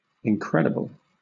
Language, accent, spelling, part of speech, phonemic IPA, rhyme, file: English, Southern England, incredible, adjective, /ɪŋˈkɹɛdɪbəl/, -ɛdɪbəl, LL-Q1860 (eng)-incredible.wav
- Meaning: 1. Too implausible to be credible; beyond belief 2. Amazing; astonishing; awe-inspiring 3. Marvellous; profoundly affecting; wonderful; excellent